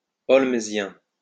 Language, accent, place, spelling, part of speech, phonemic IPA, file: French, France, Lyon, holmesien, adjective, /ɔl.mə.zjɛ̃/, LL-Q150 (fra)-holmesien.wav
- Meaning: Holmesian